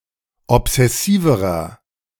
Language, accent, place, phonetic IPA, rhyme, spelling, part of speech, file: German, Germany, Berlin, [ɔpz̥ɛˈsiːvəʁɐ], -iːvəʁɐ, obsessiverer, adjective, De-obsessiverer.ogg
- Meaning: inflection of obsessiv: 1. strong/mixed nominative masculine singular comparative degree 2. strong genitive/dative feminine singular comparative degree 3. strong genitive plural comparative degree